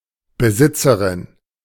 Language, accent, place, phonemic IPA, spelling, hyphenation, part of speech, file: German, Germany, Berlin, /bəˈzɪtsɐʁɪn/, Besitzerin, Be‧sit‧ze‧rin, noun, De-Besitzerin.ogg
- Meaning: feminine equivalent of Besitzer m